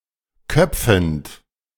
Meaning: present participle of köpfen
- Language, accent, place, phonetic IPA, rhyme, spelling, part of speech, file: German, Germany, Berlin, [ˈkœp͡fn̩t], -œp͡fn̩t, köpfend, verb, De-köpfend.ogg